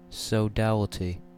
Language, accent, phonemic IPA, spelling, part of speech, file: English, US, /soʊˈdæl.ɪ.ti/, sodality, noun, En-us-sodality.ogg
- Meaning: 1. A fraternity, a society or association 2. Companionship 3. Spiritual communion with a divine being; a fellowship